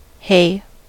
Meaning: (noun) 1. Grass cut and dried for use as animal fodder 2. Any mix of green leafy plants used for fodder 3. Cannabis; marijuana 4. A net set around the haunt of an animal, especially a rabbit
- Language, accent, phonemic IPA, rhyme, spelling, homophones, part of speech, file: English, US, /heɪ/, -eɪ, hay, hey, noun / verb, En-us-hay.ogg